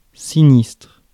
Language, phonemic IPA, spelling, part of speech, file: French, /si.nistʁ/, sinistre, adjective / noun, Fr-sinistre.ogg
- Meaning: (adjective) 1. scary 2. sinister, ominous; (noun) 1. accident, incident 2. disaster